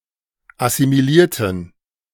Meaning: inflection of assimiliert: 1. strong genitive masculine/neuter singular 2. weak/mixed genitive/dative all-gender singular 3. strong/weak/mixed accusative masculine singular 4. strong dative plural
- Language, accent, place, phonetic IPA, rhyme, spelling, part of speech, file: German, Germany, Berlin, [asimiˈliːɐ̯tn̩], -iːɐ̯tn̩, assimilierten, adjective / verb, De-assimilierten.ogg